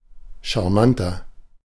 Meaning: 1. comparative degree of charmant 2. inflection of charmant: strong/mixed nominative masculine singular 3. inflection of charmant: strong genitive/dative feminine singular
- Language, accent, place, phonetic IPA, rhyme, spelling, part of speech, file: German, Germany, Berlin, [ʃaʁˈmantɐ], -antɐ, charmanter, adjective, De-charmanter.ogg